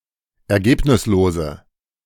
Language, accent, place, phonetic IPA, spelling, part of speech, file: German, Germany, Berlin, [ɛɐ̯ˈɡeːpnɪsloːzə], ergebnislose, adjective, De-ergebnislose.ogg
- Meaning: inflection of ergebnislos: 1. strong/mixed nominative/accusative feminine singular 2. strong nominative/accusative plural 3. weak nominative all-gender singular